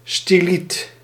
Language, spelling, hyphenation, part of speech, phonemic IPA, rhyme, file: Dutch, styliet, sty‧liet, noun, /stiˈlit/, -it, Nl-styliet.ogg
- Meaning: stylite